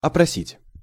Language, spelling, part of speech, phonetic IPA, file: Russian, опросить, verb, [ɐprɐˈsʲitʲ], Ru-опросить.ogg
- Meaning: 1. to question, to interrogate, to examine 2. to poll, to interrogate 3. to survey